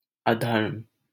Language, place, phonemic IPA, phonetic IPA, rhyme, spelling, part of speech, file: Hindi, Delhi, /ə.d̪ʱəɾm/, [ɐ.d̪ʱɐɾm], -əɾm, अधर्म, adjective / adverb / noun, LL-Q1568 (hin)-अधर्म.wav
- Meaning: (adjective) 1. irreligious, impious; sinful 2. wicked 3. not dutiful; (adverb) 1. impiously 2. wickedly; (noun) 1. irreligion, impiety 2. vice 3. sin, crime; injustice